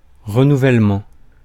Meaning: renewal (act of renewing something)
- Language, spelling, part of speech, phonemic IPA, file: French, renouvellement, noun, /ʁə.nu.vɛl.mɑ̃/, Fr-renouvellement.ogg